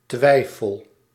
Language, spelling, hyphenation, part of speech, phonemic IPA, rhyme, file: Dutch, twijfel, twij‧fel, noun / verb, /ˈtʋɛi̯.fəl/, -ɛi̯fəl, Nl-twijfel.ogg
- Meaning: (noun) doubt, uncertainty; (verb) inflection of twijfelen: 1. first-person singular present indicative 2. second-person singular present indicative 3. imperative